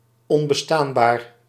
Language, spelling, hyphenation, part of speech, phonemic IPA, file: Dutch, onbestaanbaar, on‧be‧staan‧baar, adjective, /ɔm.bəˈstaːn.baːr/, Nl-onbestaanbaar.ogg
- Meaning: 1. impossible, not able to exist 2. impossible, untenable 3. insufferable, intolerable, obnoxious